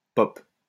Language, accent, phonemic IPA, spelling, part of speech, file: French, France, /pɔp/, pope, noun, LL-Q150 (fra)-pope.wav
- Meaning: an Orthodox priest